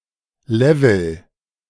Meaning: 1. level (degree or amount) 2. level (one of several discrete segments of a game)
- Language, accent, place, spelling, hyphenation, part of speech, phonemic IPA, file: German, Germany, Berlin, Level, Le‧vel, noun, /ˈlɛvl̩/, De-Level.ogg